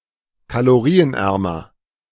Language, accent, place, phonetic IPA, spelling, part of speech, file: German, Germany, Berlin, [kaloˈʁiːənˌʔɛʁmɐ], kalorienärmer, adjective, De-kalorienärmer.ogg
- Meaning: comparative degree of kalorienarm